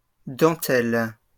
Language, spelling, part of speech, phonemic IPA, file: French, dentelles, noun, /dɑ̃.tɛl/, LL-Q150 (fra)-dentelles.wav
- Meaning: plural of dentelle